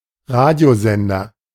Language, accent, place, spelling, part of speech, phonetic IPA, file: German, Germany, Berlin, Radiosender, noun, [ˈʁaːdi̯oˌzɛndɐ], De-Radiosender.ogg
- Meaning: radio station